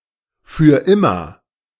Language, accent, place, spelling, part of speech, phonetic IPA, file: German, Germany, Berlin, für immer, phrase, [fyːɐ̯ ˈɪmɐ], De-für immer.ogg
- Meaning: forever, indefinitely